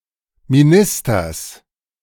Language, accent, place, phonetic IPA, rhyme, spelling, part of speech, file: German, Germany, Berlin, [miˈnɪstɐs], -ɪstɐs, Ministers, noun, De-Ministers.ogg
- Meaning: genitive singular of Minister